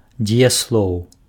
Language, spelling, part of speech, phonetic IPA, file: Belarusian, дзеяслоў, noun, [d͡zʲejasˈɫou̯], Be-дзеяслоў.ogg
- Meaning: verb